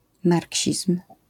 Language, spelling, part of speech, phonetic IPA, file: Polish, marksizm, noun, [ˈmarʲcɕism̥], LL-Q809 (pol)-marksizm.wav